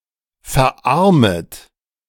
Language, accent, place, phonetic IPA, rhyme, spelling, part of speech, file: German, Germany, Berlin, [fɛɐ̯ˈʔaʁmət], -aʁmət, verarmet, verb, De-verarmet.ogg
- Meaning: second-person plural subjunctive I of verarmen